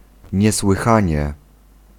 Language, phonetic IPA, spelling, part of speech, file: Polish, [ˌɲɛswɨˈxãɲɛ], niesłychanie, adverb, Pl-niesłychanie.ogg